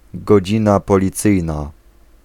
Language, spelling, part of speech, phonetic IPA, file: Polish, godzina policyjna, noun, [ɡɔˈd͡ʑĩna ˌpɔlʲiˈt͡sɨjna], Pl-godzina policyjna.ogg